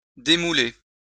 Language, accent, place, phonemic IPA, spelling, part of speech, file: French, France, Lyon, /de.mu.le/, démouler, verb, LL-Q150 (fra)-démouler.wav
- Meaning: to turn out (remove from a mould)